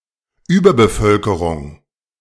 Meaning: overpopulation
- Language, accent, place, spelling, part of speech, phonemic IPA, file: German, Germany, Berlin, Überbevölkerung, noun, /ˈyːbɐbəˌfœlkəʁʊŋ/, De-Überbevölkerung.ogg